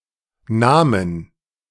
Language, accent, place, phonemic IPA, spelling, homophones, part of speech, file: German, Germany, Berlin, /ˈnaː.mən/, nahmen, Namen, verb, De-nahmen.ogg
- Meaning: first/third-person plural preterite of nehmen